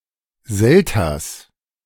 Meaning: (noun) clipping of Selterswasser; seltzer; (proper noun) a village in Limburg-Weilburg district, Hesse, Germany
- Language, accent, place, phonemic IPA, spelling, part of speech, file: German, Germany, Berlin, /ˈzɛltɐs/, Selters, noun / proper noun, De-Selters.ogg